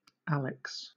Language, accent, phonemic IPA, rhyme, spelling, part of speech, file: English, Southern England, /ˈæl.ɪks/, -ælɪks, Alex, proper noun, LL-Q1860 (eng)-Alex.wav
- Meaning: 1. A unisex given name from Ancient Greek 2. Nickname for Alexandria: a major city in Alexandria Governorate, Egypt